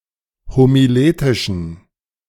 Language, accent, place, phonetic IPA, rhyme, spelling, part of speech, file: German, Germany, Berlin, [homiˈleːtɪʃn̩], -eːtɪʃn̩, homiletischen, adjective, De-homiletischen.ogg
- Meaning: inflection of homiletisch: 1. strong genitive masculine/neuter singular 2. weak/mixed genitive/dative all-gender singular 3. strong/weak/mixed accusative masculine singular 4. strong dative plural